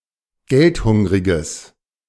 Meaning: strong/mixed nominative/accusative neuter singular of geldhungrig
- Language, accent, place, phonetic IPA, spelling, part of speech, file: German, Germany, Berlin, [ˈɡɛltˌhʊŋʁɪɡəs], geldhungriges, adjective, De-geldhungriges.ogg